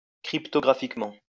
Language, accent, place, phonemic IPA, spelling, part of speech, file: French, France, Lyon, /kʁip.tɔ.ɡʁa.fik.mɑ̃/, cryptographiquement, adverb, LL-Q150 (fra)-cryptographiquement.wav
- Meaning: cryptographically